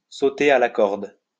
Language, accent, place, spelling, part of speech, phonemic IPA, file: French, France, Lyon, sauter à la corde, verb, /so.te a la kɔʁd/, LL-Q150 (fra)-sauter à la corde.wav
- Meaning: to jump rope, to skip rope